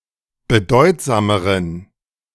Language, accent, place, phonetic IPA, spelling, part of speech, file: German, Germany, Berlin, [bəˈdɔɪ̯tzaːməʁən], bedeutsameren, adjective, De-bedeutsameren.ogg
- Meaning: inflection of bedeutsam: 1. strong genitive masculine/neuter singular comparative degree 2. weak/mixed genitive/dative all-gender singular comparative degree